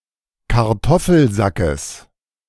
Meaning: genitive of Kartoffelsack
- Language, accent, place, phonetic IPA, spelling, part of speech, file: German, Germany, Berlin, [kaʁˈtɔfl̩ˌzakəs], Kartoffelsackes, noun, De-Kartoffelsackes.ogg